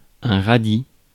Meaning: radish
- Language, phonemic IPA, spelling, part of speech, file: French, /ʁa.di/, radis, noun, Fr-radis.ogg